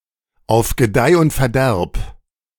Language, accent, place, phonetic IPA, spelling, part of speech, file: German, Germany, Berlin, [aʊ̯f ɡəˈdaɪ̯ ʊnt fɛɐ̯ˈdɛʁp], auf Gedeih und Verderb, phrase, De-auf Gedeih und Verderb.ogg
- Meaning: for better or worse